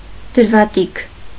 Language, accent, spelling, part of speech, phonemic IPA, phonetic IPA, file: Armenian, Eastern Armenian, դրվատիք, noun, /dəɾvɑˈtikʰ/, [dəɾvɑtíkʰ], Hy-դրվատիք.ogg
- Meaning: praise